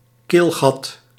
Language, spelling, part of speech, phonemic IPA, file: Dutch, keelgat, noun, /ˈkelɣɑt/, Nl-keelgat.ogg
- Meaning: throat, throat opening, windpipe opening